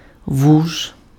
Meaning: 1. grass snake (species Natrix natrix), a water snake 2. any snake, particularly the garter snake (genus Thamnophis))
- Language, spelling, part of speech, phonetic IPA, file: Ukrainian, вуж, noun, [wuʒ], Uk-вуж.ogg